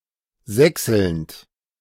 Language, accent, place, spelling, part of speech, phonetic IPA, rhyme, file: German, Germany, Berlin, sächselnd, verb, [ˈzɛksl̩nt], -ɛksl̩nt, De-sächselnd.ogg
- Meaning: present participle of sächseln